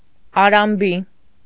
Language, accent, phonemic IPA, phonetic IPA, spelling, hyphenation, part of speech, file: Armenian, Eastern Armenian, /ɑɾɑmˈbi/, [ɑɾɑmbí], արամբի, ա‧րամ‧բի, adjective, Hy-արամբի.ogg
- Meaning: 1. married, having a husband 2. married woman